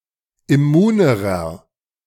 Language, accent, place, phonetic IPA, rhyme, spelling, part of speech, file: German, Germany, Berlin, [ɪˈmuːnəʁɐ], -uːnəʁɐ, immunerer, adjective, De-immunerer.ogg
- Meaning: inflection of immun: 1. strong/mixed nominative masculine singular comparative degree 2. strong genitive/dative feminine singular comparative degree 3. strong genitive plural comparative degree